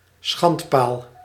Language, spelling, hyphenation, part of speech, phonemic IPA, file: Dutch, schandpaal, schand‧paal, noun, /ˈsxɑnt.paːl/, Nl-schandpaal.ogg
- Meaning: pillory